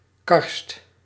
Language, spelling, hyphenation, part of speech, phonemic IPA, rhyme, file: Dutch, karst, karst, noun, /kɑrst/, -ɑrst, Nl-karst.ogg
- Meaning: karst (terrain with caves formed by limestone dissolution by underground drainage)